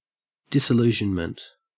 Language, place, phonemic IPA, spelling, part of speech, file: English, Queensland, /ˌdɪsəˈlʉːʒənmənt/, disillusionment, noun, En-au-disillusionment.ogg